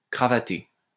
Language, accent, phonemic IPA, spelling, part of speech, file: French, France, /kʁa.va.te/, cravater, verb, LL-Q150 (fra)-cravater.wav
- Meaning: 1. to put on a tie 2. to decorate someone with a chain or ribbon around the neck 3. to strangle, choke